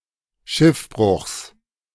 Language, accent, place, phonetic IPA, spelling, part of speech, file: German, Germany, Berlin, [ˈʃɪfˌbʁʊxs], Schiffbruchs, noun, De-Schiffbruchs.ogg
- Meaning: genitive singular of Schiffbruch